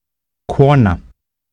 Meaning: 1. a woman 2. a wife
- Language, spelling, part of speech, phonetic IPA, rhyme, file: Icelandic, kona, noun, [ˈkʰɔːna], -ɔːna, Is-kona.ogg